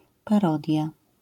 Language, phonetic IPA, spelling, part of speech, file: Polish, [paˈrɔdʲja], parodia, noun, LL-Q809 (pol)-parodia.wav